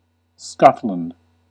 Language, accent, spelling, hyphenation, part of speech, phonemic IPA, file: English, US, Scotland, Scot‧land, proper noun, /ˈskɑt.lənd/, En-us-Scotland.ogg
- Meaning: A constituent country of the United Kingdom, located in northwest Europe to the north of England